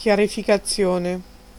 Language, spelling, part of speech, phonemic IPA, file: Italian, chiarificazione, noun, /kjarifikaˈtsjone/, It-chiarificazione.ogg